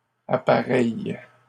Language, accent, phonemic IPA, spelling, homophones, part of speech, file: French, Canada, /a.pa.ʁɛj/, appareillent, appareille / appareilles, verb, LL-Q150 (fra)-appareillent.wav
- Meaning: third-person plural present indicative/subjunctive of appareiller